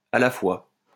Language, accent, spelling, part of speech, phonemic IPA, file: French, France, à la fois, adverb, /a la fwa/, LL-Q150 (fra)-à la fois.wav
- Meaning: at a time, at the same time, at once; both